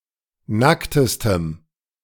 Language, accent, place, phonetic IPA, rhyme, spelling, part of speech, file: German, Germany, Berlin, [ˈnaktəstəm], -aktəstəm, nacktestem, adjective, De-nacktestem.ogg
- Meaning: strong dative masculine/neuter singular superlative degree of nackt